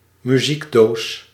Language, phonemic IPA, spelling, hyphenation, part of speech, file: Dutch, /myˈzikˌdoːs/, muziekdoos, mu‧ziek‧doos, noun, Nl-muziekdoos.ogg
- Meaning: musical box